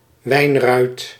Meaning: rue, common rue (Ruta graveolens)
- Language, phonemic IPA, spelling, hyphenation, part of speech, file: Dutch, /ˈʋɛi̯n.rœy̯t/, wijnruit, wijn‧ruit, noun, Nl-wijnruit.ogg